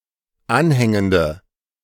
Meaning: inflection of anhängend: 1. strong/mixed nominative/accusative feminine singular 2. strong nominative/accusative plural 3. weak nominative all-gender singular
- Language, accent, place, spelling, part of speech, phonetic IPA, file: German, Germany, Berlin, anhängende, adjective, [ˈanˌhɛŋəndə], De-anhängende.ogg